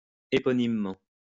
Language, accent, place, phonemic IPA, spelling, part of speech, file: French, France, Lyon, /e.pɔ.nim.mɑ̃/, éponymement, adverb, LL-Q150 (fra)-éponymement.wav
- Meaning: eponymously